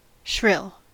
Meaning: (adjective) 1. High-pitched and piercing 2. Having a shrill voice 3. Sharp or keen to the senses 4. Especially of a woman: fierce, loud, strident; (verb) To make a shrill noise; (noun) A shrill sound
- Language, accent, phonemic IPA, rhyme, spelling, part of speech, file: English, General American, /ʃɹɪl/, -ɪl, shrill, adjective / verb / noun, En-us-shrill.ogg